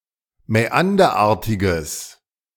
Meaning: strong/mixed nominative/accusative neuter singular of mäanderartig
- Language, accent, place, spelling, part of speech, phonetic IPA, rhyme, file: German, Germany, Berlin, mäanderartiges, adjective, [mɛˈandɐˌʔaːɐ̯tɪɡəs], -andɐʔaːɐ̯tɪɡəs, De-mäanderartiges.ogg